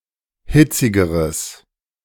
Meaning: strong/mixed nominative/accusative neuter singular comparative degree of hitzig
- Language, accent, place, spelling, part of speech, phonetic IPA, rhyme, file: German, Germany, Berlin, hitzigeres, adjective, [ˈhɪt͡sɪɡəʁəs], -ɪt͡sɪɡəʁəs, De-hitzigeres.ogg